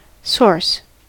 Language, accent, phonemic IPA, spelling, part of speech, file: English, US, /sɔɹs/, source, noun / verb, En-us-source.ogg
- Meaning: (noun) The person, place, or thing from which something (information, goods, etc.) comes or is acquired